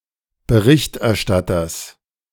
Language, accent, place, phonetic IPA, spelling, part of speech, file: German, Germany, Berlin, [bəˈʁɪçtʔɛɐ̯ˌʃtatɐs], Berichterstatters, noun, De-Berichterstatters.ogg
- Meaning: genitive singular of Berichterstatter